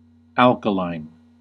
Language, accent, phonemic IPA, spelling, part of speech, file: English, US, /ˈæl.kə.laɪn/, alkaline, adjective / noun, En-us-alkaline.ogg
- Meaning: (adjective) 1. Of, or relating to an alkali, one of a class of caustic bases 2. Having a pH greater than 7; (noun) An alkaline battery